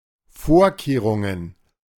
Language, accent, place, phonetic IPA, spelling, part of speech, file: German, Germany, Berlin, [ˈfoːɐ̯keːʁʊŋən], Vorkehrungen, noun, De-Vorkehrungen.ogg
- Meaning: plural of Vorkehrung